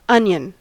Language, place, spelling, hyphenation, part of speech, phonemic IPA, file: English, California, onion, on‧ion, noun, /ˈʌnj(ə)n/, En-us-onion.ogg
- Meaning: 1. A monocotyledonous plant (Allium cepa), allied to garlic, used as vegetable and spice 2. The bulb of such a plant